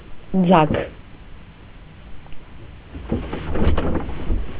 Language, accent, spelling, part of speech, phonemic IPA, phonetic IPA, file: Armenian, Eastern Armenian, ձագ, noun, /d͡zɑkʰ/, [d͡zɑkʰ], Hy-ձագ.ogg
- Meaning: 1. the young of any animal, baby animal, especially the young of a bird 2. human baby 3. swarm of bees that leaves the hive to form a new family